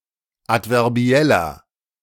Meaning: inflection of adverbiell: 1. strong/mixed nominative masculine singular 2. strong genitive/dative feminine singular 3. strong genitive plural
- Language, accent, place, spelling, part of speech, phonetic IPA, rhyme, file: German, Germany, Berlin, adverbieller, adjective, [ˌatvɛʁˈbi̯ɛlɐ], -ɛlɐ, De-adverbieller.ogg